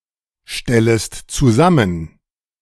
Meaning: second-person singular subjunctive I of zusammenstellen
- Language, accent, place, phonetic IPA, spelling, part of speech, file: German, Germany, Berlin, [ˌʃtɛləst t͡suˈzamən], stellest zusammen, verb, De-stellest zusammen.ogg